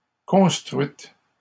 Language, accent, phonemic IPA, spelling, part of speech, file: French, Canada, /kɔ̃s.tʁɥit/, construites, verb, LL-Q150 (fra)-construites.wav
- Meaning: feminine plural of construit